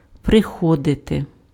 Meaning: to arrive, to come
- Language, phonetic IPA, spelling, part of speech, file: Ukrainian, [preˈxɔdete], приходити, verb, Uk-приходити.ogg